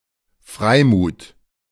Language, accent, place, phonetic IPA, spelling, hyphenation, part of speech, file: German, Germany, Berlin, [ˈfʀaɪ̯ˌmuːt], Freimut, Frei‧mut, noun, De-Freimut.ogg
- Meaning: candor, frankness